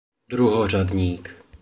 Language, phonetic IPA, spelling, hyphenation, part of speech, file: Czech, [ˈdruɦor̝adɲiːk], druhořadník, dru‧ho‧řad‧ník, noun, Cs-druhořadník.oga
- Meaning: lock